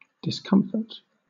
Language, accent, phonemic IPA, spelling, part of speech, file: English, Southern England, /dɪsˈkʌmfət/, discomfort, noun / verb, LL-Q1860 (eng)-discomfort.wav
- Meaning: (noun) 1. Mental or bodily distress 2. Something that disturbs one’s comfort; an annoyance; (verb) 1. To cause annoyance or distress to 2. To discourage; to deject